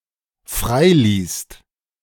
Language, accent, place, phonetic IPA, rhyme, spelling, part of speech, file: German, Germany, Berlin, [ˈfʁaɪ̯ˌliːst], -aɪ̯liːst, freiließt, verb, De-freiließt.ogg
- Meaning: second-person singular/plural dependent preterite of freilassen